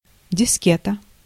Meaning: floppy disk
- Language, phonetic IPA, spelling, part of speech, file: Russian, [dʲɪˈskʲetə], дискета, noun, Ru-дискета.ogg